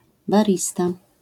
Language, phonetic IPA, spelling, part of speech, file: Polish, [baˈrʲista], barista, noun, LL-Q809 (pol)-barista.wav